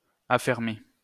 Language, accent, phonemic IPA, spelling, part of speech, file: French, France, /a.fɛʁ.me/, affermer, verb, LL-Q150 (fra)-affermer.wav
- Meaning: to have a leasehold